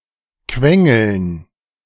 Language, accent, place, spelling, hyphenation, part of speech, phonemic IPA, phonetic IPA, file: German, Germany, Berlin, quengeln, quen‧geln, verb, /ˈkvɛŋəln/, [ˈkʋɛŋl̩n], De-quengeln.ogg
- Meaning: to whinge, to grizzle, to nag, to niggle